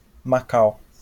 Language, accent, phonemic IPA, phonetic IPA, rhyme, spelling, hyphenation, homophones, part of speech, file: Portuguese, Brazil, /maˈkaw/, [maˈkaʊ̯], -aw, Macau, Ma‧cau, macau, proper noun, LL-Q5146 (por)-Macau.wav
- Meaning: 1. Macau (a city, special administrative region, and peninsula in China, west of Hong Kong) 2. a municipality of Rio Grande do Norte, Brazil